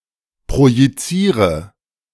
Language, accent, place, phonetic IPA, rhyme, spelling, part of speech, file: German, Germany, Berlin, [pʁojiˈt͡siːʁə], -iːʁə, projiziere, verb, De-projiziere.ogg
- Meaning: inflection of projizieren: 1. first-person singular present 2. first/third-person singular subjunctive I 3. singular imperative